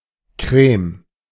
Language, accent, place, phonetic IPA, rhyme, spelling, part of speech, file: German, Germany, Berlin, [kʁɛːm], -ɛːm, Crème, noun, De-Crème.ogg
- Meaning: Switzerland and Liechtenstein standard spelling of Creme